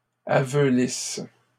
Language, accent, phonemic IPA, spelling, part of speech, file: French, Canada, /a.vø.lis/, aveulisses, verb, LL-Q150 (fra)-aveulisses.wav
- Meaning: second-person singular present/imperfect subjunctive of aveulir